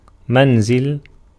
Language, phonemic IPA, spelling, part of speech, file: Arabic, /man.zil/, منزل, noun, Ar-منزل.ogg
- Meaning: 1. house, dwelling 2. place where one dismounts, halts a journey 3. a temporary stop for travellers, lodging house, way station, hotel, inn 4. relay point on a road